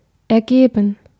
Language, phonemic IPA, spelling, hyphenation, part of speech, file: German, /ɛʁˈɡeːbən/, ergeben, er‧ge‧ben, verb / adjective, De-ergeben.ogg
- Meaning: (verb) 1. to yield, produce 2. to yield, produce: to make sense 3. to surrender 4. to arise, result, turn out 5. to happen 6. past participle of ergeben; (adjective) loyal, devoted, humble, obedient